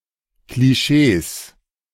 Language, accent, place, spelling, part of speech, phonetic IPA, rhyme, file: German, Germany, Berlin, Klischees, noun, [kliˈʃeːs], -eːs, De-Klischees.ogg
- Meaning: 1. genitive singular of Klischee 2. plural of Klischee